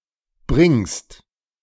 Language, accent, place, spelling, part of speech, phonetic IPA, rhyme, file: German, Germany, Berlin, bringst, verb, [bʁɪŋst], -ɪŋst, De-bringst.ogg
- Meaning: second-person singular present of bringen